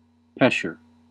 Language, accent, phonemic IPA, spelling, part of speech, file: English, US, /ˈpɛʃ.ɚ/, pesher, noun, En-us-pesher.ogg
- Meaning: An interpretive commentary on scripture, especially one in Hebrew